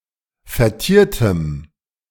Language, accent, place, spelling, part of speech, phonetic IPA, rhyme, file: German, Germany, Berlin, vertiertem, adjective, [fɛɐ̯ˈtiːɐ̯təm], -iːɐ̯təm, De-vertiertem.ogg
- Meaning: strong dative masculine/neuter singular of vertiert